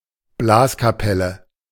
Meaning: wind ensemble
- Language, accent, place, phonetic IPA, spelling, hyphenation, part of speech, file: German, Germany, Berlin, [ˈblaːskaˌpɛlə], Blaskapelle, Blas‧ka‧pel‧le, noun, De-Blaskapelle.ogg